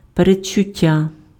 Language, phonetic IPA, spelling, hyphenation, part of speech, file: Ukrainian, [pered͡ʒt͡ʃʊˈtʲːa], передчуття, пе‧ред‧чу‧т‧тя, noun, Uk-передчуття.ogg
- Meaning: presentiment, anticipation, foreboding, premonition